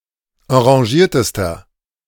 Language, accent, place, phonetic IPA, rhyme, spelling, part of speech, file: German, Germany, Berlin, [ɑ̃ʁaˈʒiːɐ̯təstɐ], -iːɐ̯təstɐ, enragiertester, adjective, De-enragiertester.ogg
- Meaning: inflection of enragiert: 1. strong/mixed nominative masculine singular superlative degree 2. strong genitive/dative feminine singular superlative degree 3. strong genitive plural superlative degree